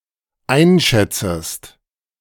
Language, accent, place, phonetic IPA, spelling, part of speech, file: German, Germany, Berlin, [ˈaɪ̯nˌʃɛt͡səst], einschätzest, verb, De-einschätzest.ogg
- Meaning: second-person singular dependent subjunctive I of einschätzen